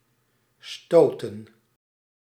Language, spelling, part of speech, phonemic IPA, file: Dutch, stoten, verb, /ˈstoːtə(n)/, Nl-stoten.ogg
- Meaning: 1. to push 2. to shock or to shake